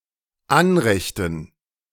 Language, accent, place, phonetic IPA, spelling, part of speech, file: German, Germany, Berlin, [ˈanʁɛçtn̩], Anrechten, noun, De-Anrechten.ogg
- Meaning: dative plural of Anrecht